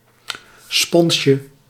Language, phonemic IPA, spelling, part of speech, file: Dutch, /ˈspɔnʃə/, sponsje, noun, Nl-sponsje.ogg
- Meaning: diminutive of spons